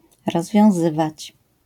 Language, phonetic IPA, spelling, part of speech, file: Polish, [ˌrɔzvʲjɔ̃w̃ˈzɨvat͡ɕ], rozwiązywać, verb, LL-Q809 (pol)-rozwiązywać.wav